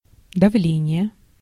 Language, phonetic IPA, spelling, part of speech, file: Russian, [dɐˈvlʲenʲɪje], давление, noun, Ru-давление.ogg
- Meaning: pressure (physics: amount of force divided by area)